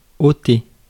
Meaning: 1. to take away, remove 2. to take off, remove (clothes, etc.) 3. to remove, cut (text etc.); to take away (in arithmetic) 4. to take (something) away from someone; to deprive
- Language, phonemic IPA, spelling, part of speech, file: French, /o.te/, ôter, verb, Fr-ôter.ogg